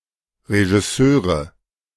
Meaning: nominative/accusative/genitive plural of Regisseur
- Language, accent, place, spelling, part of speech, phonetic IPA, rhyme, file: German, Germany, Berlin, Regisseure, noun, [ʁeʒɪˈsøːʁə], -øːʁə, De-Regisseure.ogg